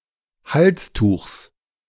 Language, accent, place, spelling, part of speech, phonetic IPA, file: German, Germany, Berlin, Halstuchs, noun, [ˈhalsˌtuːxs], De-Halstuchs.ogg
- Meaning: genitive singular of Halstuch